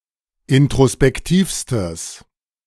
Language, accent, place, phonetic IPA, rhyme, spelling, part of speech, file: German, Germany, Berlin, [ɪntʁospɛkˈtiːfstəs], -iːfstəs, introspektivstes, adjective, De-introspektivstes.ogg
- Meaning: strong/mixed nominative/accusative neuter singular superlative degree of introspektiv